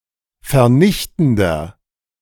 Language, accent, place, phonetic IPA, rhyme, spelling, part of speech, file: German, Germany, Berlin, [fɛɐ̯ˈnɪçtn̩dɐ], -ɪçtn̩dɐ, vernichtender, adjective, De-vernichtender.ogg
- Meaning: 1. comparative degree of vernichtend 2. inflection of vernichtend: strong/mixed nominative masculine singular 3. inflection of vernichtend: strong genitive/dative feminine singular